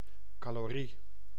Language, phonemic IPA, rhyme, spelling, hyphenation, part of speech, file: Dutch, /kɑloːˈri/, -i, calorie, ca‧lo‧rie, noun, Nl-calorie.ogg
- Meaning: calorie